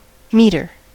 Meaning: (noun) 1. A device that measures things 2. A device that measures things.: A parking meter or similar device for collecting payment 3. One who metes or measures
- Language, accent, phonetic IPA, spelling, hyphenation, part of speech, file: English, US, [ˈmiɾɚ], meter, me‧ter, noun / verb, En-us-meter.ogg